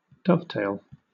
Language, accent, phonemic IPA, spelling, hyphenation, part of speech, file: English, Southern England, /ˈdʌvteɪl/, dovetail, dove‧tail, noun / verb, LL-Q1860 (eng)-dovetail.wav
- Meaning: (noun) The tail of a dove (family Columbidae); also, something having the shape of a dove's tail